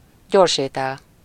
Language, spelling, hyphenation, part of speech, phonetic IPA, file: Hungarian, gyorsétel, gyors‧étel, noun, [ˈɟorʃeːtɛl], Hu-gyorsétel.ogg
- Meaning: fast food